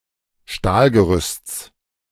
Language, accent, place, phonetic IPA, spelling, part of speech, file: German, Germany, Berlin, [ˈʃtaːlɡəˌʁʏst͡s], Stahlgerüsts, noun, De-Stahlgerüsts.ogg
- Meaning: genitive singular of Stahlgerüst